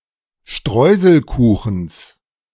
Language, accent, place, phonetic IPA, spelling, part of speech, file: German, Germany, Berlin, [ˈʃtʁɔɪ̯zl̩ˌkuːxn̩s], Streuselkuchens, noun, De-Streuselkuchens.ogg
- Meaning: genitive singular of Streuselkuchen